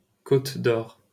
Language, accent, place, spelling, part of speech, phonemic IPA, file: French, France, Paris, Côte-d'Or, proper noun, /kot.d‿ɔʁ/, LL-Q150 (fra)-Côte-d'Or.wav
- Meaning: Côte-d'Or (a department of Bourgogne-Franche-Comté, France)